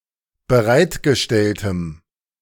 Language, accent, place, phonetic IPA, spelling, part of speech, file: German, Germany, Berlin, [bəˈʁaɪ̯tɡəˌʃtɛltəm], bereitgestelltem, adjective, De-bereitgestelltem.ogg
- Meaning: strong dative masculine/neuter singular of bereitgestellt